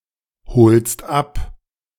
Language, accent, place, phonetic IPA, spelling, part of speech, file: German, Germany, Berlin, [ˌhoːlst ˈap], holst ab, verb, De-holst ab.ogg
- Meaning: second-person singular present of abholen